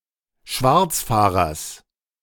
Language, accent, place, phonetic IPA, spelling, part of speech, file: German, Germany, Berlin, [ˈʃvaʁt͡sˌfaːʁɐs], Schwarzfahrers, noun, De-Schwarzfahrers.ogg
- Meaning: genitive singular of Schwarzfahrer